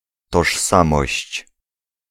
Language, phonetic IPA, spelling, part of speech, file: Polish, [tɔʃˈsãmɔɕt͡ɕ], tożsamość, noun, Pl-tożsamość.ogg